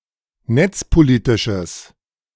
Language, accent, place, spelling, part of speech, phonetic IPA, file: German, Germany, Berlin, netzpolitisches, adjective, [ˈnɛt͡spoˌliːtɪʃəs], De-netzpolitisches.ogg
- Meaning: strong/mixed nominative/accusative neuter singular of netzpolitisch